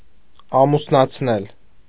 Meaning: 1. causative of ամուսնանալ (amusnanal) 2. causative of ամուսնանալ (amusnanal): to wed, to marry; to give in marriage
- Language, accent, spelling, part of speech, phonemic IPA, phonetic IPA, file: Armenian, Eastern Armenian, ամուսնացնել, verb, /ɑmusnɑt͡sʰˈnel/, [ɑmusnɑt͡sʰnél], Hy-ամուսնացնել.ogg